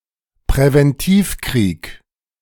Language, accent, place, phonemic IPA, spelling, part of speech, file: German, Germany, Berlin, /pʁɛvɛnˈtiːfˌkʁiːk/, Präventivkrieg, noun, De-Präventivkrieg.ogg
- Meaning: preventative war, preemptive war